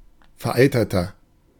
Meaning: 1. comparative degree of vereitert 2. inflection of vereitert: strong/mixed nominative masculine singular 3. inflection of vereitert: strong genitive/dative feminine singular
- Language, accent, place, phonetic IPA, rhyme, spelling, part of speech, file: German, Germany, Berlin, [fɛɐ̯ˈʔaɪ̯tɐtɐ], -aɪ̯tɐtɐ, vereiterter, adjective, De-vereiterter.ogg